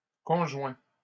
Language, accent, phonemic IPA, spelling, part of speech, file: French, Canada, /kɔ̃.ʒwɛ̃/, conjoins, verb, LL-Q150 (fra)-conjoins.wav
- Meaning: inflection of conjoindre: 1. first/second-person singular present indicative 2. second-person singular imperative